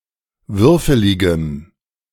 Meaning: strong dative masculine/neuter singular of würfelig
- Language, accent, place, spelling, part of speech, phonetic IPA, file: German, Germany, Berlin, würfeligem, adjective, [ˈvʏʁfəlɪɡəm], De-würfeligem.ogg